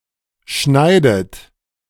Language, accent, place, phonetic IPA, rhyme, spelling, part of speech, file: German, Germany, Berlin, [ˈʃnaɪ̯dət], -aɪ̯dət, schneidet, verb, De-schneidet.ogg
- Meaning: inflection of schneiden: 1. third-person singular present 2. second-person plural present 3. second-person plural subjunctive I 4. plural imperative